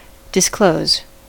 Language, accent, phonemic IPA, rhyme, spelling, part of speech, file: English, US, /dɪsˈkləʊz/, -əʊz, disclose, verb / noun, En-us-disclose.ogg
- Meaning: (verb) 1. To open up; unfasten 2. To uncover; physically expose to view 3. To expose to the knowledge of others; to make known; state openly; reveal (something); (noun) A disclosure